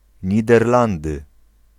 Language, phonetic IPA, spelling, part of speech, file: Polish, [ˌɲidɛrˈlãndɨ], Niderlandy, proper noun, Pl-Niderlandy.ogg